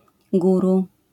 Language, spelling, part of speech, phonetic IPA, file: Polish, guru, noun, [ˈɡuru], LL-Q809 (pol)-guru.wav